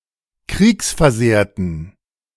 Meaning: inflection of kriegsversehrt: 1. strong genitive masculine/neuter singular 2. weak/mixed genitive/dative all-gender singular 3. strong/weak/mixed accusative masculine singular 4. strong dative plural
- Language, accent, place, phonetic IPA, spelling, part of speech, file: German, Germany, Berlin, [ˈkʁiːksfɛɐ̯ˌzeːɐ̯tən], kriegsversehrten, adjective, De-kriegsversehrten.ogg